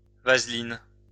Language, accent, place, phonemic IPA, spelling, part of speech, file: French, France, Lyon, /vaz.lin/, vaseline, noun, LL-Q150 (fra)-vaseline.wav
- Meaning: vaseline